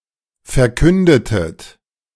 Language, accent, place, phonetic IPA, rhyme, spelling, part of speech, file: German, Germany, Berlin, [fɛɐ̯ˈkʏndətət], -ʏndətət, verkündetet, verb, De-verkündetet.ogg
- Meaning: inflection of verkünden: 1. second-person plural preterite 2. second-person plural subjunctive II